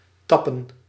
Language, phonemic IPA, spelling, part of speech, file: Dutch, /ˈtɑpə(n)/, tappen, verb / noun, Nl-tappen.ogg
- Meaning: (verb) to tap (draw off liquid from a vessel); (noun) plural of tap